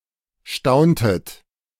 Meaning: inflection of staunen: 1. second-person plural preterite 2. second-person plural subjunctive II
- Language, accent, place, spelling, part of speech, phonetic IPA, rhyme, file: German, Germany, Berlin, stauntet, verb, [ˈʃtaʊ̯ntət], -aʊ̯ntət, De-stauntet.ogg